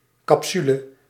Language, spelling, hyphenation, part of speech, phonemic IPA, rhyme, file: Dutch, capsule, cap‧su‧le, noun, /ˌkɑpˈsy.lə/, -ylə, Nl-capsule.ogg
- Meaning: 1. capsule (encapsulation containing drugs or supplements) 2. cover over the cork and opening of a bottle